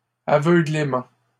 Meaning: 1. blindness, sightlessness (state of being blind) 2. blindness, obliviousness
- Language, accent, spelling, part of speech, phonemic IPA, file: French, Canada, aveuglement, noun, /a.vœ.ɡlə.mɑ̃/, LL-Q150 (fra)-aveuglement.wav